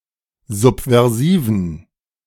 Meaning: inflection of subversiv: 1. strong genitive masculine/neuter singular 2. weak/mixed genitive/dative all-gender singular 3. strong/weak/mixed accusative masculine singular 4. strong dative plural
- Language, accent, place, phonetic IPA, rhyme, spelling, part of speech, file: German, Germany, Berlin, [ˌzupvɛʁˈziːvn̩], -iːvn̩, subversiven, adjective, De-subversiven.ogg